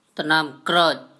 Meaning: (proper noun) Nam Krerk (a village in Nong Lu Subdistrict, Thailand); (noun) mango tree
- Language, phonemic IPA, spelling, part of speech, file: Mon, /ta.nɔːmkrɜk/, တၞံကြုက်, proper noun / noun, Mnw-တၞံကြုက်1.wav